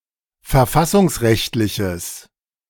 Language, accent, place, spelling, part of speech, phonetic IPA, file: German, Germany, Berlin, verfassungsrechtliches, adjective, [fɛɐ̯ˈfasʊŋsˌʁɛçtlɪçəs], De-verfassungsrechtliches.ogg
- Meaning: strong/mixed nominative/accusative neuter singular of verfassungsrechtlich